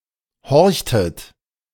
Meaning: inflection of horchen: 1. second-person plural preterite 2. second-person plural subjunctive II
- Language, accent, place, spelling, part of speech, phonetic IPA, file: German, Germany, Berlin, horchtet, verb, [ˈhɔʁçtət], De-horchtet.ogg